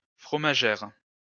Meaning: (adjective) feminine singular of fromager; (noun) 1. female equivalent of fromager 2. female equivalent of fromager: a female cheesemaker
- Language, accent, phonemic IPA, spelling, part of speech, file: French, France, /fʁɔ.ma.ʒɛʁ/, fromagère, adjective / noun, LL-Q150 (fra)-fromagère.wav